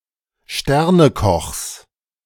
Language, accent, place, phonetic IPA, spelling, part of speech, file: German, Germany, Berlin, [ˈʃtɛʁnəˌkɔxs], Sternekochs, noun, De-Sternekochs.ogg
- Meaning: genitive singular of Sternekoch